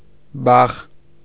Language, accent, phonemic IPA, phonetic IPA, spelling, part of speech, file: Armenian, Eastern Armenian, /bɑχ/, [bɑχ], բախ, noun, Hy-բախ .ogg
- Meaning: 1. stroke, blow 2. shock